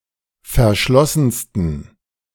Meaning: 1. superlative degree of verschlossen 2. inflection of verschlossen: strong genitive masculine/neuter singular superlative degree
- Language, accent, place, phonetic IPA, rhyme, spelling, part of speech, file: German, Germany, Berlin, [fɛɐ̯ˈʃlɔsn̩stən], -ɔsn̩stən, verschlossensten, adjective, De-verschlossensten.ogg